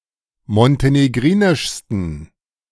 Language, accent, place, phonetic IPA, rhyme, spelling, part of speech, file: German, Germany, Berlin, [mɔnteneˈɡʁiːnɪʃstn̩], -iːnɪʃstn̩, montenegrinischsten, adjective, De-montenegrinischsten.ogg
- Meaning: 1. superlative degree of montenegrinisch 2. inflection of montenegrinisch: strong genitive masculine/neuter singular superlative degree